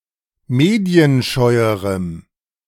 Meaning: strong dative masculine/neuter singular comparative degree of medienscheu
- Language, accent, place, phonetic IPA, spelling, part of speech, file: German, Germany, Berlin, [ˈmeːdi̯ənˌʃɔɪ̯əʁəm], medienscheuerem, adjective, De-medienscheuerem.ogg